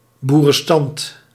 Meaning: the peasantry, the rural component of the third estate
- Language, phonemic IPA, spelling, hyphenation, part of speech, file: Dutch, /ˌbu.rə(n)ˈstɑnt/, boerenstand, boe‧ren‧stand, noun, Nl-boerenstand.ogg